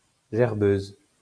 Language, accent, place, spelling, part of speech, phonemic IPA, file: French, France, Lyon, gerbeuse, noun, /ʒɛʁ.bøz/, LL-Q150 (fra)-gerbeuse.wav
- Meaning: a female vomiter